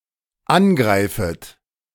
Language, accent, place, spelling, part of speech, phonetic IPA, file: German, Germany, Berlin, angreifet, verb, [ˈanˌɡʁaɪ̯fət], De-angreifet.ogg
- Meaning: second-person plural dependent subjunctive I of angreifen